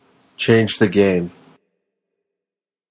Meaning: To revolutionize a field of endeavor
- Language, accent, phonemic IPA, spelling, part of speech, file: English, General American, /ˈt͡ʃeɪnd͡ʒ ðə ˈɡeɪm/, change the game, verb, En-us-change the game.flac